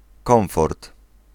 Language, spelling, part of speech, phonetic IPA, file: Polish, komfort, noun, [ˈkɔ̃w̃fɔrt], Pl-komfort.ogg